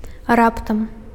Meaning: abruptly, suddenly, unexpectedly
- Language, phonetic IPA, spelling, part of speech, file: Belarusian, [ˈraptam], раптам, adverb, Be-раптам.ogg